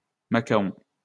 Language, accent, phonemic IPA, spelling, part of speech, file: French, France, /ma.ka.ɔ̃/, machaon, noun, LL-Q150 (fra)-machaon.wav
- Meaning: swallowtail (butterfly)